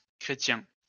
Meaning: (noun) Christian (member of the Christian religion); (proper noun) a surname
- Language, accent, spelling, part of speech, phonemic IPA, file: French, France, Chrétien, noun / proper noun, /kʁe.tjɛ̃/, LL-Q150 (fra)-Chrétien.wav